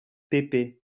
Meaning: 1. grandpa 2. Old man
- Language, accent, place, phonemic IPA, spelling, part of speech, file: French, France, Lyon, /pe.pe/, pépé, noun, LL-Q150 (fra)-pépé.wav